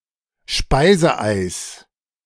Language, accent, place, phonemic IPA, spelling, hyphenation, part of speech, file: German, Germany, Berlin, /ˈʃpaɪ̯zəˌʔaɪ̯s/, Speiseeis, Spei‧se‧eis, noun, De-Speiseeis2.ogg
- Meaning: ice cream (dessert)